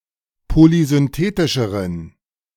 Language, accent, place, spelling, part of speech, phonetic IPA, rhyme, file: German, Germany, Berlin, polysynthetischeren, adjective, [polizʏnˈteːtɪʃəʁən], -eːtɪʃəʁən, De-polysynthetischeren.ogg
- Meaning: inflection of polysynthetisch: 1. strong genitive masculine/neuter singular comparative degree 2. weak/mixed genitive/dative all-gender singular comparative degree